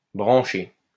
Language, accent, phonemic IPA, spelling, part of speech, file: French, France, /bʁɑ̃.ʃe/, brancher, verb, LL-Q150 (fra)-brancher.wav
- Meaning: 1. to connect, plug in (appliance) 2. to branch 3. to branch off, to turn (of a road) 4. to chat up